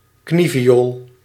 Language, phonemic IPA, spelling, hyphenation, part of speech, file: Dutch, /ˈkni.viˌoːl/, knieviool, knie‧vi‧ool, noun, Nl-knieviool.ogg
- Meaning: viola da gamba